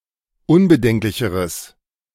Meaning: strong/mixed nominative/accusative neuter singular comparative degree of unbedenklich
- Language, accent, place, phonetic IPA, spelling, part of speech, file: German, Germany, Berlin, [ˈʊnbəˌdɛŋklɪçəʁəs], unbedenklicheres, adjective, De-unbedenklicheres.ogg